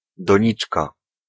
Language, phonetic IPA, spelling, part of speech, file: Polish, [dɔ̃ˈɲit͡ʃka], doniczka, noun, Pl-doniczka.ogg